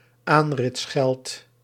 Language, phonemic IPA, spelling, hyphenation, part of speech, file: Dutch, /ˈaːn.rɪtsˌxɛlt/, aanritsgeld, aan‧rits‧geld, noun, Nl-aanritsgeld.ogg
- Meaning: the money paid to new recruits upon joining the army, originally especially in reference to the cavalry